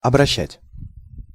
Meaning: 1. to turn; to direct 2. to turn into 3. to convert
- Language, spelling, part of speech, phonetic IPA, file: Russian, обращать, verb, [ɐbrɐˈɕːætʲ], Ru-обращать.ogg